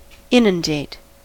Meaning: 1. To cover with large amounts of water; to flood 2. To overwhelm
- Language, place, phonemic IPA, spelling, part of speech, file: English, California, /ˈɪn.ənˌdeɪt/, inundate, verb, En-us-inundate.ogg